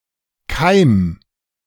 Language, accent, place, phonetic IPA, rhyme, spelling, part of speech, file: German, Germany, Berlin, [kaɪ̯m], -aɪ̯m, keim, verb, De-keim.ogg
- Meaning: 1. singular imperative of keimen 2. first-person singular present of keimen